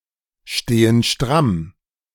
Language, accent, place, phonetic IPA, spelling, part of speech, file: German, Germany, Berlin, [ˌʃteːən ˈʃtʁam], stehen stramm, verb, De-stehen stramm.ogg
- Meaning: inflection of strammstehen: 1. first/third-person plural present 2. first/third-person plural subjunctive I